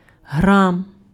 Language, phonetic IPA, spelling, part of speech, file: Ukrainian, [ɦram], грам, noun, Uk-грам.ogg
- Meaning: gram